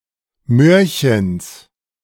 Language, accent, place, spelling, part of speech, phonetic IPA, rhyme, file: German, Germany, Berlin, Möhrchens, noun, [ˈmøːɐ̯çəns], -øːɐ̯çəns, De-Möhrchens.ogg
- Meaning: genitive singular of Möhrchen